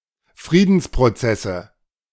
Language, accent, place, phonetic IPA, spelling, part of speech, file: German, Germany, Berlin, [ˈfʁiːdn̩spʁoˌt͡sɛsə], Friedensprozesse, noun, De-Friedensprozesse.ogg
- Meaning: nominative/accusative/genitive plural of Friedensprozess